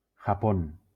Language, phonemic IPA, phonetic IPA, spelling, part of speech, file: Spanish, /xaˈpon/, [xaˈpõn], Japón, proper noun, LL-Q1321 (spa)-Japón.wav